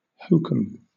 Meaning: (An instance of) meaningless nonsense with an outward appearance of being impressive and legitimate
- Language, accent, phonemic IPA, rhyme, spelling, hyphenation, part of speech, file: English, Southern England, /ˈhəʊkəm/, -əʊkəm, hokum, ho‧kum, noun, LL-Q1860 (eng)-hokum.wav